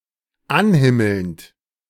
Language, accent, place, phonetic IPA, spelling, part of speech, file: German, Germany, Berlin, [ˈanˌhɪml̩nt], anhimmelnd, verb, De-anhimmelnd.ogg
- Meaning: present participle of anhimmeln